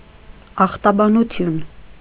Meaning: pathology
- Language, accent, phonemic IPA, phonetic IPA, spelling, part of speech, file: Armenian, Eastern Armenian, /ɑχtɑbɑnuˈtʰjun/, [ɑχtɑbɑnut͡sʰjún], ախտաբանություն, noun, Hy-ախտաբանություն.ogg